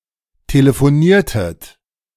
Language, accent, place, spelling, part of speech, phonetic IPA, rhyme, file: German, Germany, Berlin, telefoniertet, verb, [teləfoˈniːɐ̯tət], -iːɐ̯tət, De-telefoniertet.ogg
- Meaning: inflection of telefonieren: 1. second-person plural preterite 2. second-person plural subjunctive II